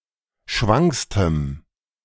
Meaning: strong dative masculine/neuter singular superlative degree of schwank
- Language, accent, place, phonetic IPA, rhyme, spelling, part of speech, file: German, Germany, Berlin, [ˈʃvaŋkstəm], -aŋkstəm, schwankstem, adjective, De-schwankstem.ogg